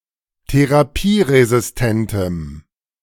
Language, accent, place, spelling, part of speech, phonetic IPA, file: German, Germany, Berlin, therapieresistentem, adjective, [teʁaˈpiːʁezɪsˌtɛntəm], De-therapieresistentem.ogg
- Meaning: strong dative masculine/neuter singular of therapieresistent